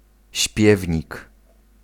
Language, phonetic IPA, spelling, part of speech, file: Polish, [ˈɕpʲjɛvʲɲik], śpiewnik, noun, Pl-śpiewnik.ogg